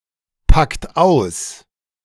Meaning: inflection of auspacken: 1. second-person plural present 2. third-person singular present 3. plural imperative
- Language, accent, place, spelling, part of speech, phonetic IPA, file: German, Germany, Berlin, packt aus, verb, [ˌpakt ˈaʊ̯s], De-packt aus.ogg